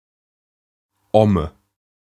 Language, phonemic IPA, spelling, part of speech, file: German, /ɔmə/, Omme, noun, De-Omme.ogg
- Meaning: head